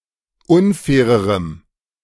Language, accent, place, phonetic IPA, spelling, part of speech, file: German, Germany, Berlin, [ˈʊnˌfɛːʁəʁəm], unfairerem, adjective, De-unfairerem.ogg
- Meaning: strong dative masculine/neuter singular comparative degree of unfair